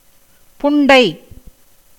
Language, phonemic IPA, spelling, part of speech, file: Tamil, /pʊɳɖɐɪ̯/, புண்டை, noun, Ta-புண்டை.ogg
- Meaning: cunt, pudendum muliebre